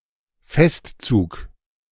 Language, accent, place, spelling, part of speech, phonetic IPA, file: German, Germany, Berlin, Festzug, noun, [ˈfɛstˌt͡suːk], De-Festzug.ogg
- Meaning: parade (procession)